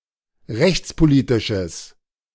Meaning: strong/mixed nominative/accusative neuter singular of rechtspolitisch
- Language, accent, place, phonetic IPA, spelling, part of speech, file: German, Germany, Berlin, [ˈʁɛçt͡spoˌliːtɪʃəs], rechtspolitisches, adjective, De-rechtspolitisches.ogg